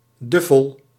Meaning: 1. duffel coat 2. duffel (cloth)
- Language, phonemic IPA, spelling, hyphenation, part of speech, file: Dutch, /ˈdʏ.fəl/, duffel, duf‧fel, noun, Nl-duffel.ogg